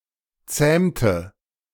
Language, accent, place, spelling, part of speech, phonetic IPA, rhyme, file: German, Germany, Berlin, zähmte, verb, [ˈt͡sɛːmtə], -ɛːmtə, De-zähmte.ogg
- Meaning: inflection of zähmen: 1. first/third-person singular preterite 2. first/third-person singular subjunctive II